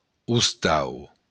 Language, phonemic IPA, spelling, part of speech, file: Occitan, /usˈtaw/, ostau, noun, LL-Q35735-ostau.wav
- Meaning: house